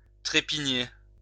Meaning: 1. to stamp or shuffle one's feet (usually of horses or humans) 2. to wait nervously or angrily 3. to trample 4. to severely criticize, to speak badly of 5. to beat up
- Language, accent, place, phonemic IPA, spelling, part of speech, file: French, France, Lyon, /tʁe.pi.ɲe/, trépigner, verb, LL-Q150 (fra)-trépigner.wav